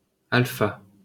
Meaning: esparto
- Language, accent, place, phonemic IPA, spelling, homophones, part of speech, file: French, France, Paris, /al.fa/, alfa, alpha, noun, LL-Q150 (fra)-alfa.wav